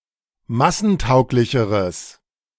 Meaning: strong/mixed nominative/accusative neuter singular comparative degree of massentauglich
- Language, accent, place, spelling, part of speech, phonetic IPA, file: German, Germany, Berlin, massentauglicheres, adjective, [ˈmasn̩ˌtaʊ̯klɪçəʁəs], De-massentauglicheres.ogg